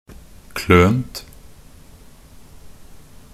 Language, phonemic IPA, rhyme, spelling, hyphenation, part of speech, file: Norwegian Bokmål, /kløːnt/, -øːnt, klønt, klønt, verb, Nb-klønt.ogg
- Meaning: 1. past participle of kløne 2. past participle common of kløne 3. neuter singular of the past participle of kløne